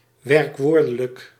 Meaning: verbal
- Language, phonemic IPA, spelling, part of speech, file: Dutch, /ˌwɛrᵊkˈwordələk/, werkwoordelijk, adjective, Nl-werkwoordelijk.ogg